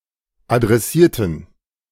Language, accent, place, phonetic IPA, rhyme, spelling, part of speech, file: German, Germany, Berlin, [adʁɛˈsiːɐ̯tn̩], -iːɐ̯tn̩, adressierten, adjective / verb, De-adressierten.ogg
- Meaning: inflection of adressieren: 1. first/third-person plural preterite 2. first/third-person plural subjunctive II